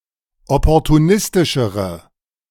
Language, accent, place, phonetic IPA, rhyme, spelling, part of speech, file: German, Germany, Berlin, [ˌɔpɔʁtuˈnɪstɪʃəʁə], -ɪstɪʃəʁə, opportunistischere, adjective, De-opportunistischere.ogg
- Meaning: inflection of opportunistisch: 1. strong/mixed nominative/accusative feminine singular comparative degree 2. strong nominative/accusative plural comparative degree